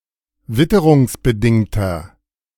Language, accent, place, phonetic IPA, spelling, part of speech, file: German, Germany, Berlin, [ˈvɪtəʁʊŋsbəˌdɪŋtɐ], witterungsbedingter, adjective, De-witterungsbedingter.ogg
- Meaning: inflection of witterungsbedingt: 1. strong/mixed nominative masculine singular 2. strong genitive/dative feminine singular 3. strong genitive plural